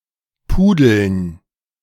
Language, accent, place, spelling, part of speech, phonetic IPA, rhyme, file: German, Germany, Berlin, Pudeln, noun, [ˈpuːdl̩n], -uːdl̩n, De-Pudeln.ogg
- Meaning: dative plural of Pudel